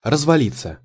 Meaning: 1. to tumble down, to collapse 2. to go/fall to pieces, to break down 3. to sprawl, to lounge 4. passive of развали́ть (razvalítʹ)
- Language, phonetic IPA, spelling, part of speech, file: Russian, [rəzvɐˈlʲit͡sːə], развалиться, verb, Ru-развалиться.ogg